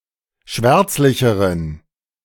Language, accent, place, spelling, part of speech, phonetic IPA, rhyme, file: German, Germany, Berlin, schwärzlicheren, adjective, [ˈʃvɛʁt͡slɪçəʁən], -ɛʁt͡slɪçəʁən, De-schwärzlicheren.ogg
- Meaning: inflection of schwärzlich: 1. strong genitive masculine/neuter singular comparative degree 2. weak/mixed genitive/dative all-gender singular comparative degree